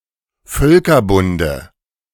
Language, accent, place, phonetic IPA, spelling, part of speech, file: German, Germany, Berlin, [ˈfœlkɐˌbʊndə], Völkerbunde, noun, De-Völkerbunde.ogg
- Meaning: dative of Völkerbund